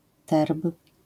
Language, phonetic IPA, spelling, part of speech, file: Polish, [tɛrp], terb, noun, LL-Q809 (pol)-terb.wav